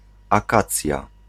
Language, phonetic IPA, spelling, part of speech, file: Polish, [aˈkat͡sʲja], akacja, noun, Pl-akacja.ogg